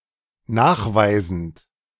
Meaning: present participle of nachweisen
- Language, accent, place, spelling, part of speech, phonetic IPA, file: German, Germany, Berlin, nachweisend, verb, [ˈnaːxˌvaɪ̯zn̩t], De-nachweisend.ogg